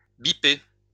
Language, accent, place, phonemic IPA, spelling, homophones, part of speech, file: French, France, Lyon, /bi.pe/, biper, bipai / bipé / bipée / bipées / bipés / bipez, verb, LL-Q150 (fra)-biper.wav
- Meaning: 1. to beep, to buzz (contact by phone or by beeper) 2. to bleep out (censor offensive or sensitive language with a beep sound)